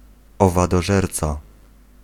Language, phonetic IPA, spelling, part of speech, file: Polish, [ˌɔvadɔˈʒɛrt͡sa], owadożerca, noun, Pl-owadożerca.ogg